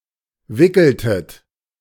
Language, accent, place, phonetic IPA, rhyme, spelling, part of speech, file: German, Germany, Berlin, [ˈvɪkl̩tət], -ɪkl̩tət, wickeltet, verb, De-wickeltet.ogg
- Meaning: inflection of wickeln: 1. second-person plural preterite 2. second-person plural subjunctive II